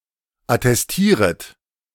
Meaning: second-person plural subjunctive I of attestieren
- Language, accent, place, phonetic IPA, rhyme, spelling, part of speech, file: German, Germany, Berlin, [atɛsˈtiːʁət], -iːʁət, attestieret, verb, De-attestieret.ogg